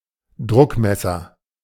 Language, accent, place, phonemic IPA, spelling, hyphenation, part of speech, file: German, Germany, Berlin, /ˈdʁʊkˌmɛsɐ/, Druckmesser, Druck‧mes‧ser, noun, De-Druckmesser.ogg
- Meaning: pressure gauge, manometer